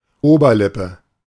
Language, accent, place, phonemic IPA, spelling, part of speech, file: German, Germany, Berlin, /ˈʔoːbɐˌlɪpə/, Oberlippe, noun, De-Oberlippe.ogg
- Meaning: upper lip